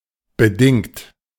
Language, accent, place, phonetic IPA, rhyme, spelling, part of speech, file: German, Germany, Berlin, [bəˈdɪŋt], -ɪŋt, bedingt, adjective / verb, De-bedingt.ogg
- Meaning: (verb) past participle of bedingen; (adjective) 1. conditional, provisory 2. conditioned, induced 3. (prison sentence) suspension of sentence on probation